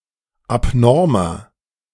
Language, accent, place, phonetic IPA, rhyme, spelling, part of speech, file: German, Germany, Berlin, [apˈnɔʁmɐ], -ɔʁmɐ, abnormer, adjective, De-abnormer.ogg
- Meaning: 1. comparative degree of abnorm 2. inflection of abnorm: strong/mixed nominative masculine singular 3. inflection of abnorm: strong genitive/dative feminine singular